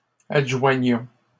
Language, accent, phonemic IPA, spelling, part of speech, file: French, Canada, /ad.ʒwa.ɲɔ̃/, adjoignons, verb, LL-Q150 (fra)-adjoignons.wav
- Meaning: inflection of adjoindre: 1. first-person plural present indicative 2. first-person plural imperative